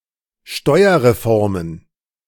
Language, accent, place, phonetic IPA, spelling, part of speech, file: German, Germany, Berlin, [ˈʃtɔɪ̯ɐʁeˌfɔʁmən], Steuerreformen, noun, De-Steuerreformen.ogg
- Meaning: plural of Steuerreform